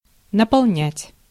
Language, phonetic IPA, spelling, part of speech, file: Russian, [nəpɐɫˈnʲætʲ], наполнять, verb, Ru-наполнять.ogg
- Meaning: 1. to fill, to fill up 2. to blow out